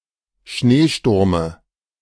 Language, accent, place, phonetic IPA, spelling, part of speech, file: German, Germany, Berlin, [ˈʃneːˌʃtʊʁmə], Schneesturme, noun, De-Schneesturme.ogg
- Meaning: dative of Schneesturm